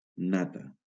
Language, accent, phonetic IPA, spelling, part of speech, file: Catalan, Valencia, [ˈna.ta], nata, noun, LL-Q7026 (cat)-nata.wav
- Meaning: cream (dairy product)